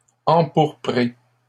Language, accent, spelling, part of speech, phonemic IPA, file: French, Canada, empourpré, verb, /ɑ̃.puʁ.pʁe/, LL-Q150 (fra)-empourpré.wav
- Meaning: past participle of empourprer